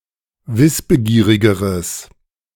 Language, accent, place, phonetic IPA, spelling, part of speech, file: German, Germany, Berlin, [ˈvɪsbəˌɡiːʁɪɡəʁəs], wissbegierigeres, adjective, De-wissbegierigeres.ogg
- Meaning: strong/mixed nominative/accusative neuter singular comparative degree of wissbegierig